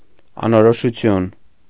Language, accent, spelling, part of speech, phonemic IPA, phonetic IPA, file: Armenian, Eastern Armenian, անորոշություն, noun, /ɑnoɾoʃuˈtʰjun/, [ɑnoɾoʃut͡sʰjún], Hy-անորոշություն.ogg
- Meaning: indefiniteness, indistinction, vagueness